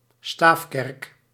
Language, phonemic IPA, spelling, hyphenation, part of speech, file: Dutch, /ˈstaːf.kɛrk/, staafkerk, staaf‧kerk, noun, Nl-staafkerk.ogg
- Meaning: stave church